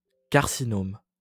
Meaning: (oncology) carcinoma
- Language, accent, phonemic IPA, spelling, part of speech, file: French, France, /kaʁ.si.nɔm/, carcinome, noun, LL-Q150 (fra)-carcinome.wav